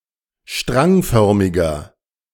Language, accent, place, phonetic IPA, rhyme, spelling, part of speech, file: German, Germany, Berlin, [ˈʃtʁaŋˌfœʁmɪɡɐ], -aŋfœʁmɪɡɐ, strangförmiger, adjective, De-strangförmiger.ogg
- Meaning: inflection of strangförmig: 1. strong/mixed nominative masculine singular 2. strong genitive/dative feminine singular 3. strong genitive plural